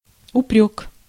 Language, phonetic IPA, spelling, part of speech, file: Russian, [ʊˈprʲɵk], упрёк, noun, Ru-упрёк.ogg
- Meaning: reproach, reproof, rebuke (mild rebuke, or an implied criticism)